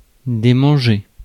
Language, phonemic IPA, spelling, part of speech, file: French, /de.mɑ̃.ʒe/, démanger, verb, Fr-démanger.ogg
- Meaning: 1. to itch, to cause to feel itchy 2. to cause to have the desire to, to cause to itch for action